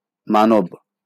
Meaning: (noun) human
- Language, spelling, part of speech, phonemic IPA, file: Bengali, মানব, noun / adjective, /ma.nob/, LL-Q9610 (ben)-মানব.wav